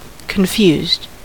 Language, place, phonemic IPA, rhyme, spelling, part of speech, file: English, California, /kənˈfjuzd/, -uːzd, confused, verb / adjective, En-us-confused.ogg
- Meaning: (verb) simple past and past participle of confuse; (adjective) 1. unable to think clearly or understand 2. disoriented 3. chaotic, jumbled or muddled 4. making no sense; illogical 5. embarrassed